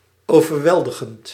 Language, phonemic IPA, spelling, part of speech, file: Dutch, /ˌovərˈwɛldəɣənt/, overweldigend, verb / adjective, Nl-overweldigend.ogg
- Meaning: present participle of overweldigen